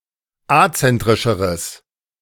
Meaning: strong/mixed nominative/accusative neuter singular comparative degree of azentrisch
- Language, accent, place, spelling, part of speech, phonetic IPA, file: German, Germany, Berlin, azentrischeres, adjective, [ˈat͡sɛntʁɪʃəʁəs], De-azentrischeres.ogg